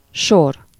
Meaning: 1. row (in the auditorium of a theater etc.) 2. row (in a sheet, table, database) 3. line 4. queue (GB) , line (US) (people or things waiting to be served one after the other) 5. series
- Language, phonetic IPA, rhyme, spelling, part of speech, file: Hungarian, [ˈʃor], -or, sor, noun, Hu-sor.ogg